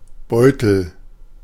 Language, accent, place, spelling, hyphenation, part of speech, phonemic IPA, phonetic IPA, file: German, Germany, Berlin, Beutel, Beu‧tel, noun, /ˈbɔʏ̯təl/, [ˈbɔø̯tl̩], De-Beutel.ogg
- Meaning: 1. a small to medium-sized bag, usually of fabric 2. pouch (bag with a drawstring) 3. pouch (body part of a marsupial)